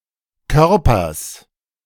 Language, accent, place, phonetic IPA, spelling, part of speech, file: German, Germany, Berlin, [ˈkœʁpɐs], Körpers, noun, De-Körpers.ogg
- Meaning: genitive singular of Körper